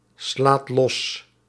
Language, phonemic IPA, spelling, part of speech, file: Dutch, /ˈslat ˈlɔs/, slaat los, verb, Nl-slaat los.ogg
- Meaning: inflection of losslaan: 1. second/third-person singular present indicative 2. plural imperative